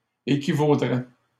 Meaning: first/second-person singular conditional of équivaloir
- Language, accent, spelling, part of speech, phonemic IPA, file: French, Canada, équivaudrais, verb, /e.ki.vo.dʁɛ/, LL-Q150 (fra)-équivaudrais.wav